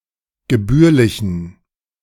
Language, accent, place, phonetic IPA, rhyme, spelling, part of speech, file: German, Germany, Berlin, [ɡəˈbyːɐ̯lɪçn̩], -yːɐ̯lɪçn̩, gebührlichen, adjective, De-gebührlichen.ogg
- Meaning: inflection of gebührlich: 1. strong genitive masculine/neuter singular 2. weak/mixed genitive/dative all-gender singular 3. strong/weak/mixed accusative masculine singular 4. strong dative plural